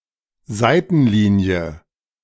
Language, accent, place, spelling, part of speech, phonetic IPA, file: German, Germany, Berlin, Seitenlinie, noun, [ˈzaɪ̯tn̩ˌliːni̯ə], De-Seitenlinie.ogg
- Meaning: 1. sideline, touchline 2. collateral line, branch (family descent) 3. branch line